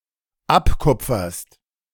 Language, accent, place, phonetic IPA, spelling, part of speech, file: German, Germany, Berlin, [ˈapˌkʊp͡fɐst], abkupferst, verb, De-abkupferst.ogg
- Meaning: second-person singular dependent present of abkupfern